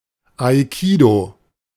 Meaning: aikido
- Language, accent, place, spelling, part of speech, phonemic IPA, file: German, Germany, Berlin, Aikido, noun, /aɪˈkiːdəʊ/, De-Aikido.ogg